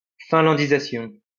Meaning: Finlandization (the influence of a large state on a smaller one)
- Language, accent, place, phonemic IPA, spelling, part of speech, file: French, France, Lyon, /fɛ̃.lɑ̃.di.za.sjɔ̃/, finlandisation, noun, LL-Q150 (fra)-finlandisation.wav